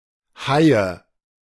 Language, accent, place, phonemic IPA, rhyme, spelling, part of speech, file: German, Germany, Berlin, /haɪ̯ə/, -aɪ̯ə, Haie, noun, De-Haie.ogg
- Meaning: nominative/accusative/genitive plural of Hai